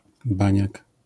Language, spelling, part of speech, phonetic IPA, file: Polish, baniak, noun, [ˈbãɲak], LL-Q809 (pol)-baniak.wav